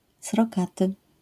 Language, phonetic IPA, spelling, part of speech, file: Polish, [srɔˈkatɨ], srokaty, adjective, LL-Q809 (pol)-srokaty.wav